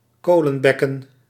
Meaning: 1. coalfield (area with coal deposits) 2. brazier (metal receptacle for burning coal)
- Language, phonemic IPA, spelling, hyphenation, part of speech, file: Dutch, /ˈkoː.lə(n)ˌbɛ.kə(n)/, kolenbekken, ko‧len‧bek‧ken, noun, Nl-kolenbekken.ogg